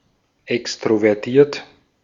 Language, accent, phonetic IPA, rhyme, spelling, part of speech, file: German, Austria, [ˌɛkstʁovɛʁˈtiːɐ̯t], -iːɐ̯t, extrovertiert, adjective, De-at-extrovertiert.ogg
- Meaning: extroverted